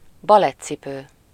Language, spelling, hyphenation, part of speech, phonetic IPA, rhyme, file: Hungarian, balettcipő, ba‧lett‧ci‧pő, noun, [ˈbɒlɛt͡sːipøː], -pøː, Hu-balettcipő.ogg
- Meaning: ballet shoe